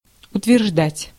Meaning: 1. to assert, to argue, to allege, to state 2. to claim 3. to approve
- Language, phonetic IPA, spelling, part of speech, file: Russian, [ʊtvʲɪrʐˈdatʲ], утверждать, verb, Ru-утверждать.ogg